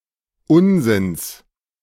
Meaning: genitive of Unsinn
- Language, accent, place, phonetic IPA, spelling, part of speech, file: German, Germany, Berlin, [ˈʊnzɪns], Unsinns, noun, De-Unsinns.ogg